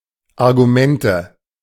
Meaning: nominative/accusative/genitive plural of Argument
- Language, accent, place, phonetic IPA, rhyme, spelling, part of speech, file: German, Germany, Berlin, [aʁɡuˈmɛntə], -ɛntə, Argumente, noun, De-Argumente.ogg